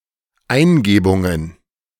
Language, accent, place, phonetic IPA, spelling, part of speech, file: German, Germany, Berlin, [ˈaɪ̯nˌɡeːbʊŋən], Eingebungen, noun, De-Eingebungen.ogg
- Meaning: plural of Eingebung